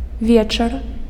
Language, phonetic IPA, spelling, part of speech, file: Belarusian, [ˈvʲet͡ʂar], вечар, noun, Be-вечар.ogg
- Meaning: evening